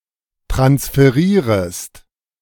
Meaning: second-person singular subjunctive I of transferieren
- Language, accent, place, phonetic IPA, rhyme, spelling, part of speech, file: German, Germany, Berlin, [tʁansfəˈʁiːʁəst], -iːʁəst, transferierest, verb, De-transferierest.ogg